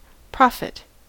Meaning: 1. Someone who speaks by divine inspiration 2. Someone who predicts the future; a soothsayer
- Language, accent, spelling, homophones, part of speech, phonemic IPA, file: English, US, prophet, profit, noun, /ˈpɹɑ.fɪt/, En-us-prophet.ogg